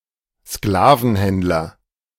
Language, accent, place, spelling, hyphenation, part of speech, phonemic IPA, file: German, Germany, Berlin, Sklavenhändler, Skla‧ven‧händ‧ler, noun, /ˈsklaːvənˌhɛntlɐ/, De-Sklavenhändler.ogg
- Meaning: slave trader